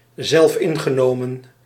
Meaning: self-complacent, self-satisfied, smug
- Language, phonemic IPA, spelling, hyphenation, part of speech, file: Dutch, /ˌzɛlfˈɪŋ.ɣə.noː.mə(n)/, zelfingenomen, zelf‧in‧ge‧no‧men, adjective, Nl-zelfingenomen.ogg